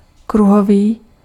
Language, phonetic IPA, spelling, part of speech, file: Czech, [ˈkruɦoviː], kruhový, adjective, Cs-kruhový.ogg
- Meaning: circular